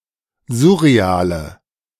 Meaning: inflection of surreal: 1. strong/mixed nominative/accusative feminine singular 2. strong nominative/accusative plural 3. weak nominative all-gender singular 4. weak accusative feminine/neuter singular
- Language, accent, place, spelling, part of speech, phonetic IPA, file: German, Germany, Berlin, surreale, adjective, [ˈzʊʁeˌaːlə], De-surreale.ogg